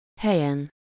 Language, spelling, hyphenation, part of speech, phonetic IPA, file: Hungarian, helyen, he‧lyen, noun, [ˈhɛjɛn], Hu-helyen.ogg
- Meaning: superessive singular of hely